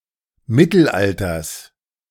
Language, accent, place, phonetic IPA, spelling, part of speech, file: German, Germany, Berlin, [ˈmɪtl̩ˌʔaltɐs], Mittelalters, noun, De-Mittelalters.ogg
- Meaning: genitive singular of Mittelalter